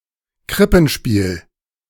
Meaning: nativity play, Christmas pageant
- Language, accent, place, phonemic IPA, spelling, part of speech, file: German, Germany, Berlin, /ˈkʁɪpənˌʃpiːl/, Krippenspiel, noun, De-Krippenspiel.ogg